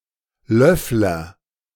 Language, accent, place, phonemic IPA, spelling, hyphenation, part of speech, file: German, Germany, Berlin, /ˈlœflɐ/, Löffler, Löff‧ler, noun / proper noun, De-Löffler.ogg
- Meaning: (noun) 1. spoonbill (bird in the family Threskiornithidae with a large spatulate bill) 2. Eurasian spoonbill (bird of the species Platalea leucorodia); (proper noun) a surname